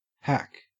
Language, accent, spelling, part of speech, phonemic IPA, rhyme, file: English, Australia, hack, verb / noun / interjection, /hæk/, -æk, En-au-hack.ogg
- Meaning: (verb) 1. To chop or cut down in a rough manner 2. To withstand or put up with a difficult situation